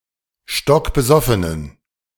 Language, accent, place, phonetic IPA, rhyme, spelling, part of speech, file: German, Germany, Berlin, [ˌʃtɔkbəˈzɔfənən], -ɔfənən, stockbesoffenen, adjective, De-stockbesoffenen.ogg
- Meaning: inflection of stockbesoffen: 1. strong genitive masculine/neuter singular 2. weak/mixed genitive/dative all-gender singular 3. strong/weak/mixed accusative masculine singular 4. strong dative plural